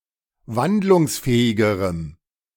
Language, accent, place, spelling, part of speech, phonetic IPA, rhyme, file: German, Germany, Berlin, wandlungsfähigerem, adjective, [ˈvandlʊŋsˌfɛːɪɡəʁəm], -andlʊŋsfɛːɪɡəʁəm, De-wandlungsfähigerem.ogg
- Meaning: strong dative masculine/neuter singular comparative degree of wandlungsfähig